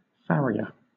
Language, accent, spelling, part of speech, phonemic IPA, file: English, Southern England, farrier, noun / verb, /ˈfæɹi.ə/, LL-Q1860 (eng)-farrier.wav
- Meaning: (noun) A person who maintains the health and balance of horses' feet through the trimming of the hoofs and fitting of horseshoes; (verb) To practise as a farrier; to carry on the trade of a farrier